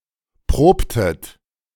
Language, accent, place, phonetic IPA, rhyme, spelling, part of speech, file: German, Germany, Berlin, [ˈpʁoːptət], -oːptət, probtet, verb, De-probtet.ogg
- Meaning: inflection of proben: 1. second-person plural preterite 2. second-person plural subjunctive II